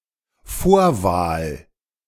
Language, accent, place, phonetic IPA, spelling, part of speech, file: German, Germany, Berlin, [ˈfoːɐ̯ˌvaːl], Vorwahl, noun, De-Vorwahl.ogg
- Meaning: 1. area code, prefix 2. primary election